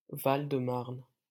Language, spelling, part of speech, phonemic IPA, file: French, Marne, proper noun, /maʁn/, LL-Q150 (fra)-Marne.wav